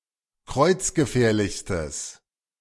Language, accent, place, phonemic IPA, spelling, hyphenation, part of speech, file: German, Germany, Berlin, /ˈkʁɔɪ̯t͡s̯ɡəˌfɛːɐ̯lɪçstəs/, kreuzgefährlichstes, kreuz‧ge‧fähr‧lichs‧tes, adjective, De-kreuzgefährlichstes.ogg
- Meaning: strong/mixed nominative/accusative neuter singular superlative degree of kreuzgefährlich